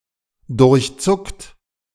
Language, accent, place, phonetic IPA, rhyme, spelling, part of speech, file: German, Germany, Berlin, [dʊʁçˈt͡sʊkt], -ʊkt, durchzuckt, verb, De-durchzuckt.ogg
- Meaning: 1. past participle of durchzucken 2. inflection of durchzucken: second-person plural present 3. inflection of durchzucken: third-person singular present 4. inflection of durchzucken: plural imperative